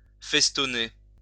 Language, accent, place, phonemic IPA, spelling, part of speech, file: French, France, Lyon, /fɛs.tɔ.ne/, festonner, verb, LL-Q150 (fra)-festonner.wav
- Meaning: to festoon